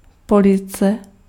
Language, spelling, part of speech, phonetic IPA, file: Czech, police, noun, [ˈpolɪt͡sɛ], Cs-police.ogg
- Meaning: shelf (a structure)